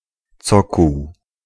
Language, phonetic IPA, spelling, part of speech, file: Polish, [ˈt͡sɔkuw], cokół, noun, Pl-cokół.ogg